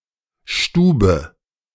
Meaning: 1. living room 2. room (a room used for a special purpose; the term is often found in compounds with a somewhat old-fashioned character)
- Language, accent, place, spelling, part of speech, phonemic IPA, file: German, Germany, Berlin, Stube, noun, /ˈʃtuːbə/, De-Stube.ogg